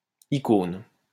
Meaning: 1. icon (representation as an object of religious devotion) 2. icon (small picture that represents something) 3. icon (exemplar person or thing)
- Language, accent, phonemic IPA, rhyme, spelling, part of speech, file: French, France, /i.kon/, -on, icône, noun, LL-Q150 (fra)-icône.wav